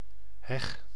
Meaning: hedge, hedgerow
- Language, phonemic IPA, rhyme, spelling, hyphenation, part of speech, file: Dutch, /ɦɛx/, -ɛx, heg, heg, noun, Nl-heg.ogg